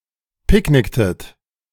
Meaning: inflection of picknicken: 1. second-person plural preterite 2. second-person plural subjunctive II
- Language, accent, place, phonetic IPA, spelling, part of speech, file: German, Germany, Berlin, [ˈpɪkˌnɪktət], picknicktet, verb, De-picknicktet.ogg